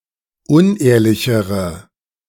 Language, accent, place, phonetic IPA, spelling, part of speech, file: German, Germany, Berlin, [ˈʊnˌʔeːɐ̯lɪçəʁə], unehrlichere, adjective, De-unehrlichere.ogg
- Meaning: inflection of unehrlich: 1. strong/mixed nominative/accusative feminine singular comparative degree 2. strong nominative/accusative plural comparative degree